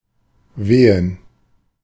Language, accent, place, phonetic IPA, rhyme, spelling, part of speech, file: German, Germany, Berlin, [ˈveːən], -eːən, Wehen, noun, De-Wehen.ogg
- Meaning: 1. dative plural of Weh 2. plural of Wehe 3. gerund of wehen